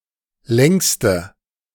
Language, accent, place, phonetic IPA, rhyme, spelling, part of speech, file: German, Germany, Berlin, [ˈlɛŋstə], -ɛŋstə, längste, adjective, De-längste.ogg
- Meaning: inflection of lang: 1. strong/mixed nominative/accusative feminine singular superlative degree 2. strong nominative/accusative plural superlative degree